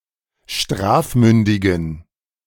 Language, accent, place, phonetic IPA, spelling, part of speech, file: German, Germany, Berlin, [ˈʃtʁaːfˌmʏndɪɡn̩], strafmündigen, adjective, De-strafmündigen.ogg
- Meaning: inflection of strafmündig: 1. strong genitive masculine/neuter singular 2. weak/mixed genitive/dative all-gender singular 3. strong/weak/mixed accusative masculine singular 4. strong dative plural